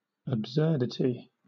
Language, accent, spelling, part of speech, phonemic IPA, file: English, Southern England, absurdity, noun, /əbˈsɜːd.ɪ.ti/, LL-Q1860 (eng)-absurdity.wav
- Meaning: 1. That which is absurd; an absurd action; a logical contradiction 2. The quality of being absurd or inconsistent with obvious truth, reason, or sound judgment 3. Dissonance